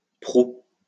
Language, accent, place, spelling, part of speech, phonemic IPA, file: French, France, Lyon, prou, adverb, /pʁu/, LL-Q150 (fra)-prou.wav
- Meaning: a lot; enough